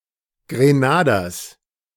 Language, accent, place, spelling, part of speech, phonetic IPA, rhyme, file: German, Germany, Berlin, Grenaders, noun, [ɡʁeˈnaːdɐs], -aːdɐs, De-Grenaders.ogg
- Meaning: genitive singular of Grenader